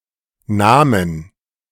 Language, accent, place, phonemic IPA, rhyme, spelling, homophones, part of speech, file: German, Germany, Berlin, /ˈnaːmən/, -aːmən, Namen, nahmen, noun / proper noun, De-Namen.ogg
- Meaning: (noun) 1. alternative form of Name 2. inflection of Name: dative/accusative singular 3. inflection of Name: all-case plural; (proper noun) Namur, a city in southern Belgium